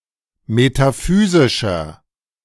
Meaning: 1. comparative degree of metaphysisch 2. inflection of metaphysisch: strong/mixed nominative masculine singular 3. inflection of metaphysisch: strong genitive/dative feminine singular
- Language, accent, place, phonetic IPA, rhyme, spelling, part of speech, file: German, Germany, Berlin, [metaˈfyːzɪʃɐ], -yːzɪʃɐ, metaphysischer, adjective, De-metaphysischer.ogg